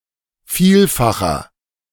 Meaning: inflection of vielfach: 1. strong/mixed nominative masculine singular 2. strong genitive/dative feminine singular 3. strong genitive plural
- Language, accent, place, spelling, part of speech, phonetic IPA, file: German, Germany, Berlin, vielfacher, adjective, [ˈfiːlfaxɐ], De-vielfacher.ogg